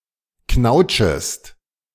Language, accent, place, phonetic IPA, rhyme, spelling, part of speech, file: German, Germany, Berlin, [ˈknaʊ̯t͡ʃəst], -aʊ̯t͡ʃəst, knautschest, verb, De-knautschest.ogg
- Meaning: second-person singular subjunctive I of knautschen